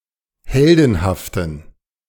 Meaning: inflection of heldenhaft: 1. strong genitive masculine/neuter singular 2. weak/mixed genitive/dative all-gender singular 3. strong/weak/mixed accusative masculine singular 4. strong dative plural
- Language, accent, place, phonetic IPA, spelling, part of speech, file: German, Germany, Berlin, [ˈhɛldn̩haftn̩], heldenhaften, adjective, De-heldenhaften.ogg